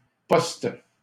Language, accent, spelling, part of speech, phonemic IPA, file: French, Canada, post-, prefix, /pɔst/, LL-Q150 (fra)-post-.wav
- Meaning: post-